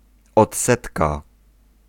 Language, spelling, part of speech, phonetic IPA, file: Polish, odsetka, noun, [ɔtˈsɛtka], Pl-odsetka.ogg